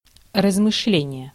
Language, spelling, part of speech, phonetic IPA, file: Russian, размышление, noun, [rəzmɨʂˈlʲenʲɪje], Ru-размышление.ogg
- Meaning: reflection, thought, musing